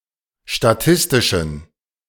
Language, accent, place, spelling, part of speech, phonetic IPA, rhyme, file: German, Germany, Berlin, statistischen, adjective, [ʃtaˈtɪstɪʃn̩], -ɪstɪʃn̩, De-statistischen.ogg
- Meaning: inflection of statistisch: 1. strong genitive masculine/neuter singular 2. weak/mixed genitive/dative all-gender singular 3. strong/weak/mixed accusative masculine singular 4. strong dative plural